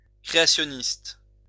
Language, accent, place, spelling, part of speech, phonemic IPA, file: French, France, Lyon, créationniste, noun / adjective, /kʁe.a.sjɔ.nist/, LL-Q150 (fra)-créationniste.wav
- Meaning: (noun) creationist (supporter of creationism); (adjective) creationist